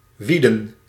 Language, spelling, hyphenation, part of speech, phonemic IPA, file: Dutch, wieden, wie‧den, verb, /ˈʋi.də(n)/, Nl-wieden.ogg
- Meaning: to weed, to remove weeds (from)